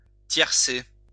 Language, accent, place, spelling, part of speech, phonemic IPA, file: French, France, Lyon, tiercer, verb, /tjɛʁ.se/, LL-Q150 (fra)-tiercer.wav
- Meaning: alternative spelling of tercer